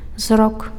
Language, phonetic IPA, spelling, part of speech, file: Belarusian, [zrok], зрок, noun, Be-зрок.ogg
- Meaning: sight; vision